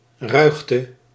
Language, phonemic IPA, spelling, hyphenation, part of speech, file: Dutch, /ˈrœy̯x.tə/, ruigte, ruig‧te, noun, Nl-ruigte.ogg
- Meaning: 1. wild vegetation 2. wilderness 3. roughness 4. rubbish, waste 5. scum, rabble